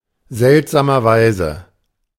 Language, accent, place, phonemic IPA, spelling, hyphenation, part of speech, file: German, Germany, Berlin, /ˈzɛltzaːmɐˌvaɪ̯zə/, seltsamerweise, selt‧sa‧mer‧wei‧se, adverb, De-seltsamerweise.ogg
- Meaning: strangely enough, curiously enough, oddly enough